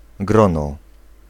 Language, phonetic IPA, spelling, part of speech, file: Polish, [ˈɡrɔ̃nɔ], grono, noun, Pl-grono.ogg